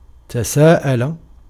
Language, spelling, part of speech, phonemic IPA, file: Arabic, تساءل, verb, /ta.saː.ʔa.la/, Ar-تساءل.ogg
- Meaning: 1. to ask one another 2. to ask oneself; to wonder